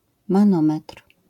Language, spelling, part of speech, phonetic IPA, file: Polish, manometr, noun, [mãˈnɔ̃mɛtr̥], LL-Q809 (pol)-manometr.wav